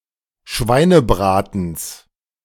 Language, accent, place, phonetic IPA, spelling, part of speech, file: German, Germany, Berlin, [ˈʃvaɪ̯nəˌbʁaːtn̩s], Schweinebratens, noun, De-Schweinebratens.ogg
- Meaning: genitive of Schweinebraten